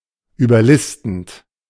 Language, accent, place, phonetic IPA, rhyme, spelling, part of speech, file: German, Germany, Berlin, [yːbɐˈlɪstn̩t], -ɪstn̩t, überlistend, verb, De-überlistend.ogg
- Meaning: present participle of überlisten